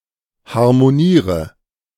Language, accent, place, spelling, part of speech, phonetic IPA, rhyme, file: German, Germany, Berlin, harmoniere, verb, [haʁmoˈniːʁə], -iːʁə, De-harmoniere.ogg
- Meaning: inflection of harmonieren: 1. first-person singular present 2. singular imperative 3. first/third-person singular subjunctive I